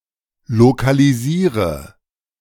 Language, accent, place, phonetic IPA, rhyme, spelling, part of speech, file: German, Germany, Berlin, [lokaliˈziːʁə], -iːʁə, lokalisiere, verb, De-lokalisiere.ogg
- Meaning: inflection of lokalisieren: 1. first-person singular present 2. singular imperative 3. first/third-person singular subjunctive I